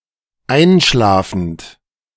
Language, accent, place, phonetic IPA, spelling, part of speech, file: German, Germany, Berlin, [ˈaɪ̯nˌʃlaːfn̩t], einschlafend, verb, De-einschlafend.ogg
- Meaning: present participle of einschlafen